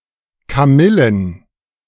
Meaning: plural of Kamille
- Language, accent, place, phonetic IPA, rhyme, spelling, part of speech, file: German, Germany, Berlin, [kaˈmɪlən], -ɪlən, Kamillen, noun, De-Kamillen.ogg